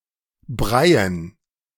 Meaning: dative plural of Brei
- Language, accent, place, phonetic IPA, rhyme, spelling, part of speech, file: German, Germany, Berlin, [ˈbʁaɪ̯ən], -aɪ̯ən, Breien, noun, De-Breien.ogg